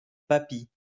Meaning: alternative spelling of papi
- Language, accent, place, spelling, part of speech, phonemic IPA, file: French, France, Lyon, papy, noun, /pa.pi/, LL-Q150 (fra)-papy.wav